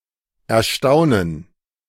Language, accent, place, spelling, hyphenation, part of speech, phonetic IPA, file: German, Germany, Berlin, erstaunen, er‧stau‧nen, verb, [ʔɛɐ̯ˈʃtaʊ̯nən], De-erstaunen.ogg
- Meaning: to astonish, astound